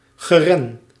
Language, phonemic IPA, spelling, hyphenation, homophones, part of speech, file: Dutch, /ˈɣeː.rə(n)/, geren, ge‧ren, Gee / ren, verb / noun, Nl-geren.ogg
- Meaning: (verb) to covet; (noun) plural of geer